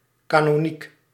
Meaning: canonical
- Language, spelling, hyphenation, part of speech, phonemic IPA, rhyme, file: Dutch, canoniek, ca‧no‧niek, adjective, /ˌkaː.nɔˈnik/, -ik, Nl-canoniek.ogg